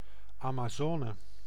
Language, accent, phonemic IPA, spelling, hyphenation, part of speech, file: Dutch, Netherlands, /ˌaː.maːˈzɔː.nə/, Amazone, Ama‧zo‧ne, proper noun / noun, Nl-Amazone.ogg
- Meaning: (proper noun) Amazon (South American river); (noun) Amazon (mythological female warrior)